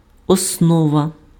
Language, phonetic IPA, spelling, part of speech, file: Ukrainian, [ɔsˈnɔʋɐ], основа, noun, Uk-основа.ogg
- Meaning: 1. basis, base, foundation 2. base